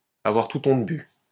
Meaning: to have lost any sense of shame, to have become impervious to shame, to be shameless
- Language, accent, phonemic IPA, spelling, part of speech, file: French, France, /a.vwaʁ tut ɔ̃t by/, avoir toute honte bue, verb, LL-Q150 (fra)-avoir toute honte bue.wav